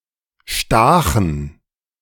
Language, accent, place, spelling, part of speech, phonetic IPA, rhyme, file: German, Germany, Berlin, stachen, verb, [ˈʃtaːxn̩], -aːxn̩, De-stachen.ogg
- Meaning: first/third-person plural preterite of stechen